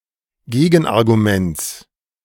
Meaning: genitive singular of Gegenargument (also Gegenargumentes)
- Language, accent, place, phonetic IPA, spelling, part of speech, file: German, Germany, Berlin, [ˈɡeːɡn̩ʔaʁɡuˌmɛnt͡s], Gegenarguments, noun, De-Gegenarguments.ogg